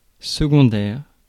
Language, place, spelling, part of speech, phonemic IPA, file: French, Paris, secondaire, adjective, /sə.ɡɔ̃.dɛʁ/, Fr-secondaire.ogg
- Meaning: secondary